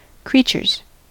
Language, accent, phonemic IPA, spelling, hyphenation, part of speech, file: English, US, /ˈkɹit͡ʃɚz/, creatures, crea‧tures, noun, En-us-creatures.ogg
- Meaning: plural of creature